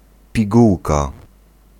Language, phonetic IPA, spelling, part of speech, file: Polish, [pʲiˈɡuwka], pigułka, noun, Pl-pigułka.ogg